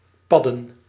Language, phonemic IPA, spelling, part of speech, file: Dutch, /ˈpɑdə(n)/, padden, noun, Nl-padden.ogg
- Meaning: plural of pad